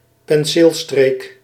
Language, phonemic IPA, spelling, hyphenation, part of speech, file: Dutch, /pɛnˈseːlˌstreːk/, penseelstreek, pen‧seel‧streek, noun, Nl-penseelstreek.ogg
- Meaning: a brushstroke